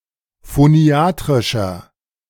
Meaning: inflection of phoniatrisch: 1. strong/mixed nominative masculine singular 2. strong genitive/dative feminine singular 3. strong genitive plural
- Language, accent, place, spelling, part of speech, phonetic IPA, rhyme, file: German, Germany, Berlin, phoniatrischer, adjective, [foˈni̯aːtʁɪʃɐ], -aːtʁɪʃɐ, De-phoniatrischer.ogg